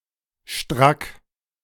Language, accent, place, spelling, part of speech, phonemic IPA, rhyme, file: German, Germany, Berlin, strack, adjective, /ʃtʁak/, -ak, De-strack.ogg
- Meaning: 1. straight, taut 2. drunk